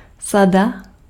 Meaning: 1. set (collection of similar things) 2. set
- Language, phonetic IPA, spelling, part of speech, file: Czech, [ˈsada], sada, noun, Cs-sada.ogg